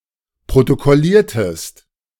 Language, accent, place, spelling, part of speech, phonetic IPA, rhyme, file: German, Germany, Berlin, protokolliertest, verb, [pʁotokɔˈliːɐ̯təst], -iːɐ̯təst, De-protokolliertest.ogg
- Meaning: inflection of protokollieren: 1. second-person singular preterite 2. second-person singular subjunctive II